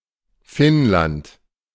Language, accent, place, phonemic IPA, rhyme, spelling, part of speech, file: German, Germany, Berlin, /ˈfɪnlant/, -ant, Finnland, proper noun, De-Finnland.ogg
- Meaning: Finland (a country in Northern Europe)